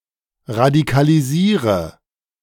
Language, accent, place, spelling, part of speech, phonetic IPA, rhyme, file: German, Germany, Berlin, radikalisiere, verb, [ʁadikaliˈziːʁə], -iːʁə, De-radikalisiere.ogg
- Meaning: inflection of radikalisieren: 1. first-person singular present 2. singular imperative 3. first/third-person singular subjunctive I